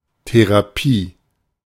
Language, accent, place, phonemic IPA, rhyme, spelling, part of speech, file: German, Germany, Berlin, /te.ʁaˈpiː/, -iː, Therapie, noun, De-Therapie.ogg
- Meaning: therapy